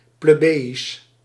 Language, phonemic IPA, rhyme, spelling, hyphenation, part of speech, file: Dutch, /ˌpleːˈbeː.is/, -eːis, plebejisch, ple‧be‧jisch, adjective, Nl-plebejisch.ogg
- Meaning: plebeian (of the plebs, of the common people)